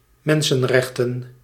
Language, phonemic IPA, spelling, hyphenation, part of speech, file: Dutch, /ˈmɛn.sə(n)ˌrɛx.tə(n)/, mensenrechten, men‧sen‧rech‧ten, noun, Nl-mensenrechten.ogg
- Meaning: 1. human rights 2. plural of mensenrecht